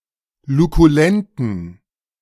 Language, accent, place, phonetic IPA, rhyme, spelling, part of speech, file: German, Germany, Berlin, [lukuˈlɛntn̩], -ɛntn̩, lukulenten, adjective, De-lukulenten.ogg
- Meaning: inflection of lukulent: 1. strong genitive masculine/neuter singular 2. weak/mixed genitive/dative all-gender singular 3. strong/weak/mixed accusative masculine singular 4. strong dative plural